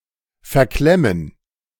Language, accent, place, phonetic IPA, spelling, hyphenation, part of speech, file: German, Germany, Berlin, [fɛɐ̯ˈklɛmən], verklemmen, ver‧klem‧men, verb, De-verklemmen.ogg
- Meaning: 1. to jam something; to clamp; to hem in 2. to become jammed